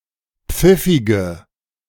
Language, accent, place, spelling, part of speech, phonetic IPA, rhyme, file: German, Germany, Berlin, pfiffige, adjective, [ˈp͡fɪfɪɡə], -ɪfɪɡə, De-pfiffige.ogg
- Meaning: inflection of pfiffig: 1. strong/mixed nominative/accusative feminine singular 2. strong nominative/accusative plural 3. weak nominative all-gender singular 4. weak accusative feminine/neuter singular